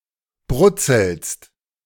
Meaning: second-person singular present of brutzeln
- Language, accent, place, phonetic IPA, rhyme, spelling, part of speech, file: German, Germany, Berlin, [ˈbʁʊt͡sl̩st], -ʊt͡sl̩st, brutzelst, verb, De-brutzelst.ogg